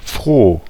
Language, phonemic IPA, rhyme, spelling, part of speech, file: German, /fʁoː/, -oː, froh, adjective, De-froh.ogg
- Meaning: 1. glad; (momentarily) happy; (momentarily) cheerful 2. merry 3. merry; hearty; energetic